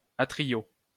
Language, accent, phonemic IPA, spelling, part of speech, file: French, France, /a.tʁi.jo/, atriaux, noun, LL-Q150 (fra)-atriaux.wav
- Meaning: plural of atriau